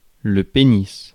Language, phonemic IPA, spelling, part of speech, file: French, /pe.nis/, pénis, noun, Fr-pénis.ogg
- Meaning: penis